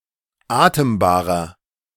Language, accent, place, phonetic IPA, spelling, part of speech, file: German, Germany, Berlin, [ˈaːtəmbaːʁɐ], atembarer, adjective, De-atembarer.ogg
- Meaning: inflection of atembar: 1. strong/mixed nominative masculine singular 2. strong genitive/dative feminine singular 3. strong genitive plural